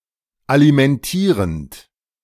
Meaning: present participle of alimentieren
- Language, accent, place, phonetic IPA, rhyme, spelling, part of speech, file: German, Germany, Berlin, [alimɛnˈtiːʁənt], -iːʁənt, alimentierend, verb, De-alimentierend.ogg